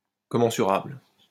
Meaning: commensurable
- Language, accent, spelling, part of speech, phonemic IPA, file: French, France, commensurable, adjective, /kɔ.mɑ̃.sy.ʁabl/, LL-Q150 (fra)-commensurable.wav